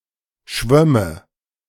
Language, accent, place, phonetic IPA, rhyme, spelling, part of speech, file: German, Germany, Berlin, [ˈʃvœmə], -œmə, schwömme, verb, De-schwömme.ogg
- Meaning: first/third-person singular subjunctive II of schwimmen